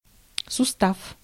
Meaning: joint, articulation
- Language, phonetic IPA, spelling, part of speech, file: Russian, [sʊˈstaf], сустав, noun, Ru-сустав.ogg